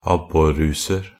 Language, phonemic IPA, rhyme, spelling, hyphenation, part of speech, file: Norwegian Bokmål, /ˈabːɔrːuːsər/, -ər, abborruser, ab‧bor‧ru‧ser, noun, Nb-abborruser.ogg
- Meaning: indefinite plural of abborruse